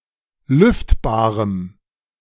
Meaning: strong dative masculine/neuter singular of lüftbar
- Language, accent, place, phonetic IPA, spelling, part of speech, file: German, Germany, Berlin, [ˈlʏftbaːʁəm], lüftbarem, adjective, De-lüftbarem.ogg